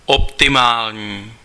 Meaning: optimal
- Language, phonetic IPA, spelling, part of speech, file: Czech, [ˈoptɪmaːlɲiː], optimální, adjective, Cs-optimální.ogg